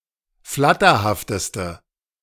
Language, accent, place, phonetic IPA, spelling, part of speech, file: German, Germany, Berlin, [ˈflatɐhaftəstə], flatterhafteste, adjective, De-flatterhafteste.ogg
- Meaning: inflection of flatterhaft: 1. strong/mixed nominative/accusative feminine singular superlative degree 2. strong nominative/accusative plural superlative degree